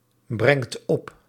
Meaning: inflection of opbrengen: 1. second/third-person singular present indicative 2. plural imperative
- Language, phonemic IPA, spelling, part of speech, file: Dutch, /ˈbrɛŋt ˈɔp/, brengt op, verb, Nl-brengt op.ogg